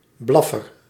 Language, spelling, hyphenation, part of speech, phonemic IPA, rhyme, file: Dutch, blaffer, blaf‧fer, noun, /ˈblɑ.fər/, -ɑfər, Nl-blaffer.ogg
- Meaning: 1. one who barks, usually a canine 2. a (noisy) gun